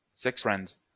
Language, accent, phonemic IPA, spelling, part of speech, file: French, France, /sɛks fʁɛnd/, sex friend, noun, LL-Q150 (fra)-sex friend.wav
- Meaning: friend with benefits, fuck buddy